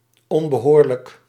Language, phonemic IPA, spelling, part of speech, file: Dutch, /ˌɔmbəˈhorlək/, onbehoorlijk, adjective, Nl-onbehoorlijk.ogg
- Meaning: unfitting, improper